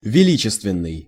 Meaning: grand, august, sublime
- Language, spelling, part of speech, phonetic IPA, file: Russian, величественный, adjective, [vʲɪˈlʲit͡ɕɪstvʲɪn(ː)ɨj], Ru-величественный.ogg